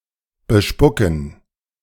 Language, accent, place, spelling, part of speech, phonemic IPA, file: German, Germany, Berlin, bespucken, verb, /ˈbəˈʃpʊkn̩/, De-bespucken.ogg
- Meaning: to spit